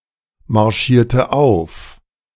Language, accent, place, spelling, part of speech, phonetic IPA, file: German, Germany, Berlin, marschierte auf, verb, [maʁˌʃiːɐ̯tə ˈaʊ̯f], De-marschierte auf.ogg
- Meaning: inflection of aufmarschieren: 1. first/third-person singular preterite 2. first/third-person singular subjunctive II